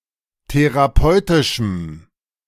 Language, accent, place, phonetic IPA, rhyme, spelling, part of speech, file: German, Germany, Berlin, [teʁaˈpɔɪ̯tɪʃm̩], -ɔɪ̯tɪʃm̩, therapeutischem, adjective, De-therapeutischem.ogg
- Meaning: strong dative masculine/neuter singular of therapeutisch